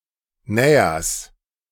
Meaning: genitive of Näher
- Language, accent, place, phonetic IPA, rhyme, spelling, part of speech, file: German, Germany, Berlin, [ˈnɛːɐs], -ɛːɐs, Nähers, noun, De-Nähers.ogg